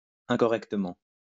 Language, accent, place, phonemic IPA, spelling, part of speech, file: French, France, Lyon, /ɛ̃.kɔ.ʁɛk.tə.mɑ̃/, incorrectement, adverb, LL-Q150 (fra)-incorrectement.wav
- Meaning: incorrectly